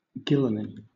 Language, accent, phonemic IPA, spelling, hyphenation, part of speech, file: English, Southern England, /ˈɡɪləni/, gylany, gy‧lany, noun, LL-Q1860 (eng)-gylany.wav
- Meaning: A social system based on equality of women and men